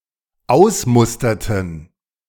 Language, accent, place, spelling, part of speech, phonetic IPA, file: German, Germany, Berlin, ausmusterten, verb, [ˈaʊ̯sˌmʊstɐtn̩], De-ausmusterten.ogg
- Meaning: inflection of ausmustern: 1. first/third-person plural dependent preterite 2. first/third-person plural dependent subjunctive II